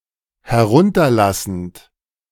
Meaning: present participle of herunterlassen
- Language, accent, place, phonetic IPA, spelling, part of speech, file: German, Germany, Berlin, [hɛˈʁʊntɐˌlasn̩t], herunterlassend, verb, De-herunterlassend.ogg